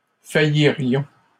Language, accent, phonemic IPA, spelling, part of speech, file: French, Canada, /fa.ji.ʁjɔ̃/, faillirions, verb, LL-Q150 (fra)-faillirions.wav
- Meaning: first-person plural conditional of faillir